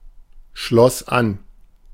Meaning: first/third-person singular preterite of anschließen
- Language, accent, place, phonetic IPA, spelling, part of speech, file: German, Germany, Berlin, [ˌʃlɔs ˈan], schloss an, verb, De-schloss an.ogg